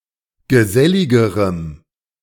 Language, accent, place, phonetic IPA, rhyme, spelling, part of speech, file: German, Germany, Berlin, [ɡəˈzɛlɪɡəʁəm], -ɛlɪɡəʁəm, geselligerem, adjective, De-geselligerem.ogg
- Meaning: strong dative masculine/neuter singular comparative degree of gesellig